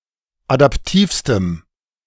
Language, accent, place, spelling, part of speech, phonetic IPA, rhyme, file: German, Germany, Berlin, adaptivstem, adjective, [adapˈtiːfstəm], -iːfstəm, De-adaptivstem.ogg
- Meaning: strong dative masculine/neuter singular superlative degree of adaptiv